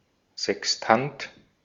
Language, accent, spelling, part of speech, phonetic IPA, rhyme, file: German, Austria, Sextant, noun, [zɛksˈtant], -ant, De-at-Sextant.ogg
- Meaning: sextant